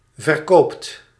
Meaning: inflection of verkopen: 1. second/third-person singular present indicative 2. plural imperative
- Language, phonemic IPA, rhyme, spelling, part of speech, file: Dutch, /vər.ˈkoːpt/, -oːpt, verkoopt, verb, Nl-verkoopt.ogg